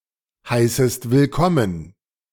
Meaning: second-person singular subjunctive I of willkommen heißen
- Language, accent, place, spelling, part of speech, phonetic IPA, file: German, Germany, Berlin, heißest willkommen, verb, [ˌhaɪ̯səst vɪlˈkɔmən], De-heißest willkommen.ogg